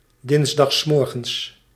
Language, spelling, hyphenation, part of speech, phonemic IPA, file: Dutch, dinsdagsmorgens, dins‧dags‧mor‧gens, adverb, /ˌdɪns.dɑxsˈmɔr.ɣəns/, Nl-dinsdagsmorgens.ogg
- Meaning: Tuesday morning